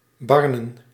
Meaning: to burn
- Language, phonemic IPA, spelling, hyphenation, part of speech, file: Dutch, /ˈbɑrnə(n)/, barnen, bar‧nen, verb, Nl-barnen.ogg